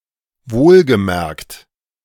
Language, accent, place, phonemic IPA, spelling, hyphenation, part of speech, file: German, Germany, Berlin, /ˌvoːlɡəˈmɛʁkt/, wohlgemerkt, wohl‧ge‧merkt, adverb, De-wohlgemerkt.ogg
- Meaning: mind you, take note